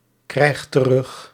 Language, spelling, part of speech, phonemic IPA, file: Dutch, krijg terug, verb, /ˈkrɛix t(ə)ˈrʏx/, Nl-krijg terug.ogg
- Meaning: inflection of terugkrijgen: 1. first-person singular present indicative 2. second-person singular present indicative 3. imperative